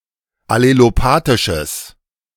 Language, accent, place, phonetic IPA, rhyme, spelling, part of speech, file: German, Germany, Berlin, [aleloˈpaːtɪʃəs], -aːtɪʃəs, allelopathisches, adjective, De-allelopathisches.ogg
- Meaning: strong/mixed nominative/accusative neuter singular of allelopathisch